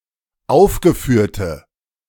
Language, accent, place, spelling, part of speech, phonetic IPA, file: German, Germany, Berlin, aufgeführte, adjective, [ˈaʊ̯fɡəˌfyːɐ̯tə], De-aufgeführte.ogg
- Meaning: inflection of aufgeführt: 1. strong/mixed nominative/accusative feminine singular 2. strong nominative/accusative plural 3. weak nominative all-gender singular